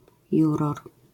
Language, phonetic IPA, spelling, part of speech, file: Polish, [ˈjurɔr], juror, noun, LL-Q809 (pol)-juror.wav